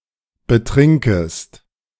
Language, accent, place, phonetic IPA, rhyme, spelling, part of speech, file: German, Germany, Berlin, [bəˈtʁɪŋkəst], -ɪŋkəst, betrinkest, verb, De-betrinkest.ogg
- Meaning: second-person singular subjunctive I of betrinken